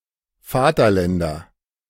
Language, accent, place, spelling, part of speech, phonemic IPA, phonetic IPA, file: German, Germany, Berlin, Vaterländer, noun, /ˈfaːtɐˌlɛndɐ/, [ˈfaːtʰɐˌlɛndɐ], De-Vaterländer.ogg
- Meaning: nominative/accusative/genitive plural of Vaterland